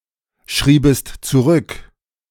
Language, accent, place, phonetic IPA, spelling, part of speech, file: German, Germany, Berlin, [ˌʃʁiːbəst t͡suˈʁʏk], schriebest zurück, verb, De-schriebest zurück.ogg
- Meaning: second-person singular subjunctive II of zurückschreiben